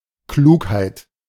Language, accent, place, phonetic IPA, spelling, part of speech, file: German, Germany, Berlin, [ˈkluːkhaɪ̯t], Klugheit, noun, De-Klugheit.ogg
- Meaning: 1. prudence, intelligence 2. intelligent, wise action 3. platitude; truism; pseudo-smart remark